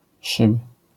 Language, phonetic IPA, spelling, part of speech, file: Polish, [ʃɨp], szyb, noun, LL-Q809 (pol)-szyb.wav